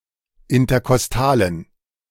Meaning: inflection of interkostal: 1. strong genitive masculine/neuter singular 2. weak/mixed genitive/dative all-gender singular 3. strong/weak/mixed accusative masculine singular 4. strong dative plural
- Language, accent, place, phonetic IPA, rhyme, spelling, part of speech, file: German, Germany, Berlin, [ɪntɐkɔsˈtaːlən], -aːlən, interkostalen, adjective, De-interkostalen.ogg